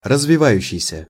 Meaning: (verb) present active imperfective participle of развива́ться (razvivátʹsja); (adjective) developing
- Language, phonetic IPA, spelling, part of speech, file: Russian, [rəzvʲɪˈvajʉɕːɪjsʲə], развивающийся, verb / adjective, Ru-развивающийся.ogg